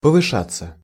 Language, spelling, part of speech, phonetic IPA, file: Russian, повышаться, verb, [pəvɨˈʂat͡sːə], Ru-повышаться.ogg
- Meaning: 1. to rise, to go up, to increase 2. to advance, to improve, to heighten 3. to soar, to boom, to jump, to mount 4. passive of повыша́ть (povyšátʹ)